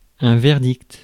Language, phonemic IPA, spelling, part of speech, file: French, /vɛʁ.dikt/, verdict, noun, Fr-verdict.ogg
- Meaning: verdict